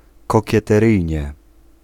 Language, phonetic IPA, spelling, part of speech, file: Polish, [ˌkɔcɛtɛˈrɨjɲɛ], kokieteryjnie, adverb, Pl-kokieteryjnie.ogg